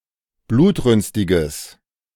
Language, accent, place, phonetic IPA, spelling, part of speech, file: German, Germany, Berlin, [ˈbluːtˌʁʏnstɪɡəs], blutrünstiges, adjective, De-blutrünstiges.ogg
- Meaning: strong/mixed nominative/accusative neuter singular of blutrünstig